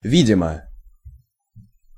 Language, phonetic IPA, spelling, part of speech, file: Russian, [ˈvʲidʲɪmə], видимо, adverb / adjective, Ru-видимо.ogg
- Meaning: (adverb) 1. apparently, evidently 2. noticeably, appreciably; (adjective) short neuter singular of ви́димый (vídimyj)